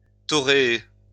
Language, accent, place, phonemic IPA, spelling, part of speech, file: French, France, Lyon, /tɔ.ʁe.e/, toréer, verb, LL-Q150 (fra)-toréer.wav
- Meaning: to fight a bull, in bullfighting